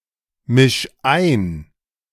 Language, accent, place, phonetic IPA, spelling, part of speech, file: German, Germany, Berlin, [ˌmɪʃ ˈaɪ̯n], misch ein, verb, De-misch ein.ogg
- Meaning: 1. singular imperative of einmischen 2. first-person singular present of einmischen